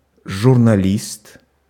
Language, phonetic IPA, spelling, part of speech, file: Russian, [ʐʊrnɐˈlʲist], журналист, noun, Ru-журналист.ogg
- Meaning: journalist